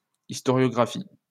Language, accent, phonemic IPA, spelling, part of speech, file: French, France, /is.tɔ.ʁjɔ.ɡʁa.fi/, historiographie, noun, LL-Q150 (fra)-historiographie.wav
- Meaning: historiography